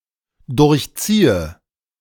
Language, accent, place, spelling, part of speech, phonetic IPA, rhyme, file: German, Germany, Berlin, durchziehe, verb, [ˌdʊʁçˈt͡siːə], -iːə, De-durchziehe.ogg
- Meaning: inflection of durchziehen: 1. first-person singular dependent present 2. first/third-person singular dependent subjunctive I